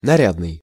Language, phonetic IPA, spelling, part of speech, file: Russian, [nɐˈrʲadnɨj], нарядный, adjective, Ru-нарядный.ogg
- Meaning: 1. well-dressed (of a person) 2. smart, natty, spiffy (of clothes)